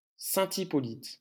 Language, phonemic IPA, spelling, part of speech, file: French, /i.pɔ.lit/, Hippolyte, proper noun, LL-Q150 (fra)-Hippolyte.wav
- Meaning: a male given name